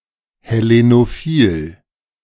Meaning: Hellenophile
- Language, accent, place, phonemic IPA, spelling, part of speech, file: German, Germany, Berlin, /hɛˌlenoˈfiːl/, hellenophil, adjective, De-hellenophil.ogg